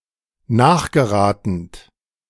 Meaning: present participle of nachgeraten
- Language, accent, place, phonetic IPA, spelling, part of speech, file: German, Germany, Berlin, [ˈnaːxɡəˌʁaːtn̩t], nachgeratend, verb, De-nachgeratend.ogg